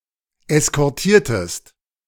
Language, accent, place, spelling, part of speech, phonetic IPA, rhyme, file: German, Germany, Berlin, eskortiertest, verb, [ɛskɔʁˈtiːɐ̯təst], -iːɐ̯təst, De-eskortiertest.ogg
- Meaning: inflection of eskortieren: 1. second-person singular preterite 2. second-person singular subjunctive II